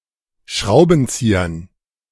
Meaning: dative plural of Schraubenzieher
- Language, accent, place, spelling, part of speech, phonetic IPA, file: German, Germany, Berlin, Schraubenziehern, noun, [ˈʃʁaʊ̯bənˌt͡siːɐn], De-Schraubenziehern.ogg